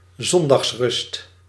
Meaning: Sunday rest
- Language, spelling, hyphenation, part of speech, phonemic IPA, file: Dutch, zondagsrust, zon‧dags‧rust, noun, /ˈzɔn.dɑxsˌrʏst/, Nl-zondagsrust.ogg